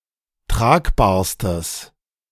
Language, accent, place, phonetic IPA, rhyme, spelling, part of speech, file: German, Germany, Berlin, [ˈtʁaːkbaːɐ̯stəs], -aːkbaːɐ̯stəs, tragbarstes, adjective, De-tragbarstes.ogg
- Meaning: strong/mixed nominative/accusative neuter singular superlative degree of tragbar